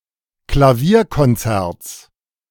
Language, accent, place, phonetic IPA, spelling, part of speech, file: German, Germany, Berlin, [klaˈviːɐ̯kɔnˌt͡sɛʁt͡s], Klavierkonzerts, noun, De-Klavierkonzerts.ogg
- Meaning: genitive of Klavierkonzert